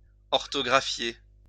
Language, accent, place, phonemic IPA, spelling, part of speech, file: French, France, Lyon, /ɔʁ.tɔ.ɡʁa.fje/, orthographier, verb, LL-Q150 (fra)-orthographier.wav
- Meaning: to spell